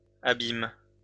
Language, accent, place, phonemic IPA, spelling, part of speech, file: French, France, Lyon, /a.bim/, abîment, verb, LL-Q150 (fra)-abîment.wav
- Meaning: third-person plural present indicative/subjunctive of abîmer